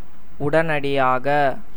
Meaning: immediately, instantly, right away
- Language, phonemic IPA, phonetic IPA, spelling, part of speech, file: Tamil, /ʊɖɐnɐɖɪjɑːɡɐ/, [ʊɖɐnɐɖɪjäːɡɐ], உடனடியாக, adverb, Ta-உடனடியாக.ogg